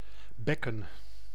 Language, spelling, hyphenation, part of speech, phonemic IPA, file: Dutch, bekken, bek‧ken, noun / verb, /ˈbɛkə(n)/, Nl-bekken.ogg
- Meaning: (noun) 1. basin, broad-shaped liquid container 2. basin, geological depression 3. pelvis, basin-shaped body region 4. cymbal, two-part metallic percussion instrument; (verb) to peck (at a target)